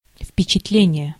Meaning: impression
- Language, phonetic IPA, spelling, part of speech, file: Russian, [f⁽ʲ⁾pʲɪt͡ɕɪtˈlʲenʲɪje], впечатление, noun, Ru-впечатление.ogg